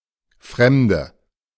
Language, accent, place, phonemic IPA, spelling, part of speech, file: German, Germany, Berlin, /ˈfʁɛmdə/, Fremde, noun, De-Fremde.ogg
- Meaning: 1. female equivalent of Fremder: female stranger; female alien, female foreigner 2. foreign land 3. inflection of Fremder: strong nominative/accusative plural